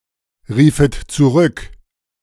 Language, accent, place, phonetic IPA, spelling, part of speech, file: German, Germany, Berlin, [ˌʁiːfət t͡suˈʁʏk], riefet zurück, verb, De-riefet zurück.ogg
- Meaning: second-person plural subjunctive II of zurückrufen